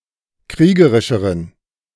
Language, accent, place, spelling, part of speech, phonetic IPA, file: German, Germany, Berlin, kriegerischeren, adjective, [ˈkʁiːɡəʁɪʃəʁən], De-kriegerischeren.ogg
- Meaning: inflection of kriegerisch: 1. strong genitive masculine/neuter singular comparative degree 2. weak/mixed genitive/dative all-gender singular comparative degree